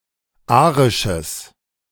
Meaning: strong/mixed nominative/accusative neuter singular of arisch
- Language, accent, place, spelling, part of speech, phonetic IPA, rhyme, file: German, Germany, Berlin, arisches, adjective, [ˈaːʁɪʃəs], -aːʁɪʃəs, De-arisches.ogg